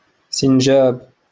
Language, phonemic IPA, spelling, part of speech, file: Moroccan Arabic, /sin.ʒaːb/, سنجاب, noun, LL-Q56426 (ary)-سنجاب.wav
- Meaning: squirrel